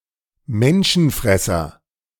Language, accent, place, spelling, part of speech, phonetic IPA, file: German, Germany, Berlin, Menschenfresser, noun, [ˈmɛnʃn̩ˌfʁɛsɐ], De-Menschenfresser.ogg
- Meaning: 1. cannibal 2. man-eater (animal that eats humans) 3. ogre